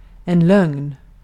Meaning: a lie
- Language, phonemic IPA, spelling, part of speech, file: Swedish, /lœŋn/, lögn, noun, Sv-lögn.ogg